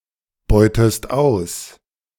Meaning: inflection of ausbeuten: 1. second-person singular present 2. second-person singular subjunctive I
- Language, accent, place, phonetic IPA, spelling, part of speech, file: German, Germany, Berlin, [ˌbɔɪ̯təst ˈaʊ̯s], beutest aus, verb, De-beutest aus.ogg